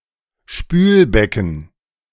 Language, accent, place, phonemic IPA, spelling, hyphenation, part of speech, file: German, Germany, Berlin, /ˈʃpyːlˌbɛkn̩/, Spülbecken, Spül‧be‧cken, noun, De-Spülbecken.ogg
- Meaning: sink, especially kitchen sink